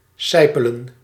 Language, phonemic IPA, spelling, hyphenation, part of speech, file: Dutch, /ˈsɛi̯.pə.lə(n)/, sijpelen, sij‧pe‧len, verb, Nl-sijpelen.ogg
- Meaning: to trickle, to seep